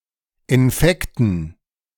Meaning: dative plural of Infekt
- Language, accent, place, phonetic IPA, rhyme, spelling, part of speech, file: German, Germany, Berlin, [ɪnˈfɛktn̩], -ɛktn̩, Infekten, noun, De-Infekten.ogg